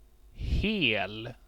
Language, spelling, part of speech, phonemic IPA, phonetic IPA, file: Swedish, hel, adjective, /heːl/, [ˈheə̯l̪], Sv-hel.ogg
- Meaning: 1. (the) whole 2. whole (intact, not broken) 3. completely, totally, full, whole